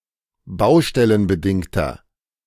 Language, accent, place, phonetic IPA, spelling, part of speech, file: German, Germany, Berlin, [ˈbaʊ̯ʃtɛlənbəˌdɪŋtɐ], baustellenbedingter, adjective, De-baustellenbedingter.ogg
- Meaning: inflection of baustellenbedingt: 1. strong/mixed nominative masculine singular 2. strong genitive/dative feminine singular 3. strong genitive plural